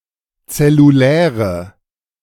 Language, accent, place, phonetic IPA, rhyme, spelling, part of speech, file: German, Germany, Berlin, [t͡sɛluˈlɛːʁə], -ɛːʁə, zelluläre, adjective, De-zelluläre.ogg
- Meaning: inflection of zellulär: 1. strong/mixed nominative/accusative feminine singular 2. strong nominative/accusative plural 3. weak nominative all-gender singular